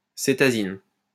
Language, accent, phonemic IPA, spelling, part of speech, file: French, France, /se.ta.zin/, cétazine, noun, LL-Q150 (fra)-cétazine.wav
- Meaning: azine